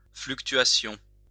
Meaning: fluctuation
- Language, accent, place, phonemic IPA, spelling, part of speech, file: French, France, Lyon, /flyk.tɥa.sjɔ̃/, fluctuation, noun, LL-Q150 (fra)-fluctuation.wav